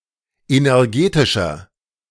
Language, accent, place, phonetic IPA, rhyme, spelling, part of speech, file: German, Germany, Berlin, [ˌenɛʁˈɡeːtɪʃɐ], -eːtɪʃɐ, energetischer, adjective, De-energetischer.ogg
- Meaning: inflection of energetisch: 1. strong/mixed nominative masculine singular 2. strong genitive/dative feminine singular 3. strong genitive plural